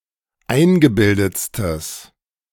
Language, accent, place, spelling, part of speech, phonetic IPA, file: German, Germany, Berlin, eingebildetstes, adjective, [ˈaɪ̯nɡəˌbɪldət͡stəs], De-eingebildetstes.ogg
- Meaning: strong/mixed nominative/accusative neuter singular superlative degree of eingebildet